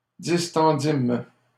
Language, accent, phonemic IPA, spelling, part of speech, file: French, Canada, /dis.tɑ̃.dim/, distendîmes, verb, LL-Q150 (fra)-distendîmes.wav
- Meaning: first-person plural past historic of distendre